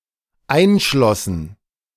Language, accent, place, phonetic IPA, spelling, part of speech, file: German, Germany, Berlin, [ˈaɪ̯nˌʃlɔsn̩], einschlossen, verb, De-einschlossen.ogg
- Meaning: first/third-person plural dependent preterite of einschließen